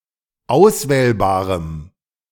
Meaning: strong dative masculine/neuter singular of auswählbar
- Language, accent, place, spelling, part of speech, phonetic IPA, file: German, Germany, Berlin, auswählbarem, adjective, [ˈaʊ̯sˌvɛːlbaːʁəm], De-auswählbarem.ogg